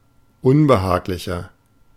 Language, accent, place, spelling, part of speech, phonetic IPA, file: German, Germany, Berlin, unbehaglicher, adjective, [ˈʊnbəˌhaːklɪçɐ], De-unbehaglicher.ogg
- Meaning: 1. comparative degree of unbehaglich 2. inflection of unbehaglich: strong/mixed nominative masculine singular 3. inflection of unbehaglich: strong genitive/dative feminine singular